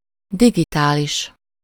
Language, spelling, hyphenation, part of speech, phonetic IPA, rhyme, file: Hungarian, digitális, di‧gi‧tá‧lis, adjective, [ˈdiɡitaːliʃ], -iʃ, Hu-digitális.ogg
- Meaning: digital (representing discrete values)